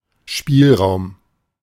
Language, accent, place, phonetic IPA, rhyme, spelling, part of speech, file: German, Germany, Berlin, [ˈʃpiːlˌʁaʊ̯m], -iːlʁaʊ̯m, Spielraum, noun, De-Spielraum.ogg
- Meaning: leeway, elbow room, latitude (extent to which means and circumstances allow one to be flexible in approaching a situation)